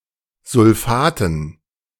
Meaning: dative plural of Sulfat
- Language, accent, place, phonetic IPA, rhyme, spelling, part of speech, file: German, Germany, Berlin, [zʊlˈfaːtn̩], -aːtn̩, Sulfaten, noun, De-Sulfaten.ogg